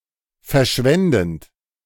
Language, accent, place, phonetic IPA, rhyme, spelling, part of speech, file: German, Germany, Berlin, [fɛɐ̯ˈʃvɛndn̩t], -ɛndn̩t, verschwendend, verb, De-verschwendend.ogg
- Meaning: present participle of verschwenden